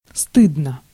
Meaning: 1. one is ashamed (feeling shame or guilt) 2. short neuter singular of сты́дный (stýdnyj)
- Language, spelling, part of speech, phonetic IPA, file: Russian, стыдно, adjective, [ˈstɨdnə], Ru-стыдно.ogg